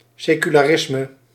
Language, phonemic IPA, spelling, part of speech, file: Dutch, /ˌsekylaˈrɪsmə/, secularisme, noun, Nl-secularisme.ogg
- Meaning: secularism